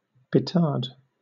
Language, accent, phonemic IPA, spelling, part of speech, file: English, Southern England, /pɪˈtɑːd/, petard, noun / verb, LL-Q1860 (eng)-petard.wav
- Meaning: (noun) 1. A small, hat-shaped explosive device, used to breach a door or wall 2. Anything potentially explosive, in a non-literal sense 3. A loud firecracker